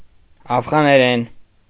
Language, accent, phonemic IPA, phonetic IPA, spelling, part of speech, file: Armenian, Eastern Armenian, /ɑfʁɑneˈɾen/, [ɑfʁɑneɾén], աֆղաներեն, noun, Hy-աֆղաներեն.ogg
- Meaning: Pashto language, also called Afghan language